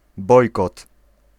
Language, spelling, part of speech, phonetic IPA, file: Polish, bojkot, noun, [ˈbɔjkɔt], Pl-bojkot.ogg